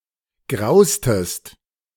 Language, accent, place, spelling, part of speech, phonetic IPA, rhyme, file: German, Germany, Berlin, graustest, verb, [ˈɡʁaʊ̯stəst], -aʊ̯stəst, De-graustest.ogg
- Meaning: inflection of grausen: 1. second-person singular preterite 2. second-person singular subjunctive II